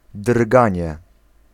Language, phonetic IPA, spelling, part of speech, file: Polish, [ˈdrɡãɲɛ], drganie, noun, Pl-drganie.ogg